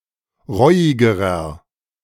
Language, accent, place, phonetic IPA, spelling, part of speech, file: German, Germany, Berlin, [ˈʁɔɪ̯ɪɡəʁɐ], reuigerer, adjective, De-reuigerer.ogg
- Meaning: inflection of reuig: 1. strong/mixed nominative masculine singular comparative degree 2. strong genitive/dative feminine singular comparative degree 3. strong genitive plural comparative degree